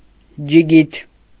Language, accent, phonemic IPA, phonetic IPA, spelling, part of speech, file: Armenian, Eastern Armenian, /d͡ʒiˈɡitʰ/, [d͡ʒiɡítʰ], ջիգիթ, noun, Hy-ջիգիթ.ogg
- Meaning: dzhigit